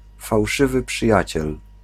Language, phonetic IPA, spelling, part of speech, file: Polish, [fawˈʃɨvɨ pʃɨˈjät͡ɕɛl], fałszywy przyjaciel, phrase / noun, Pl-fałszywy przyjaciel.ogg